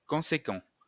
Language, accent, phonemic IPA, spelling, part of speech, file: French, France, /kɔ̃.se.kɑ̃/, conséquent, adjective / noun, LL-Q150 (fra)-conséquent.wav
- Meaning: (adjective) 1. Acting or operating in a consistent or logical manner; coherent 2. Ensuing logically from something else; consequent 3. Large; considerable; important; substantial